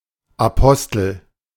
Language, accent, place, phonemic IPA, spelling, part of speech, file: German, Germany, Berlin, /aˈpɔstl̩/, Apostel, noun, De-Apostel.ogg
- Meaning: apostle (Apostle)